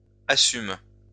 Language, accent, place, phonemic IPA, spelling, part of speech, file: French, France, Lyon, /a.sym/, assume, verb, LL-Q150 (fra)-assume.wav
- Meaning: inflection of assumer: 1. first/third-person singular present indicative 2. first-person singular present subjunctive 3. second-person singular imperative